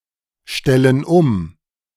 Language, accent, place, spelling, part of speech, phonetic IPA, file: German, Germany, Berlin, stellen um, verb, [ˌʃtɛlən ˈʊm], De-stellen um.ogg
- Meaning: inflection of umstellen: 1. first/third-person plural present 2. first/third-person plural subjunctive I